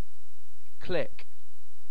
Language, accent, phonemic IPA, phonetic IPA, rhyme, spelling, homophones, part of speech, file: English, UK, /klɪk/, [kʰl̥ɪk], -ɪk, click, clique / klick, noun / verb / interjection, En-uk-click.ogg